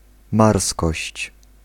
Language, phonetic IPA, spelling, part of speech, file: Polish, [ˈmarskɔɕt͡ɕ], marskość, noun, Pl-marskość.ogg